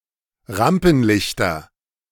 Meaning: nominative/accusative/genitive plural of Rampenlicht
- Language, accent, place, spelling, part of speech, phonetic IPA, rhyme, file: German, Germany, Berlin, Rampenlichter, noun, [ˈʁampn̩ˌlɪçtɐ], -ampn̩lɪçtɐ, De-Rampenlichter.ogg